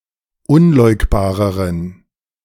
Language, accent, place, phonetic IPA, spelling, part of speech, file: German, Germany, Berlin, [ˈʊnˌlɔɪ̯kbaːʁəʁən], unleugbareren, adjective, De-unleugbareren.ogg
- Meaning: inflection of unleugbar: 1. strong genitive masculine/neuter singular comparative degree 2. weak/mixed genitive/dative all-gender singular comparative degree